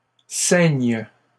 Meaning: second-person singular present subjunctive of ceindre
- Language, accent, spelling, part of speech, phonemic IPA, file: French, Canada, ceignes, verb, /sɛɲ/, LL-Q150 (fra)-ceignes.wav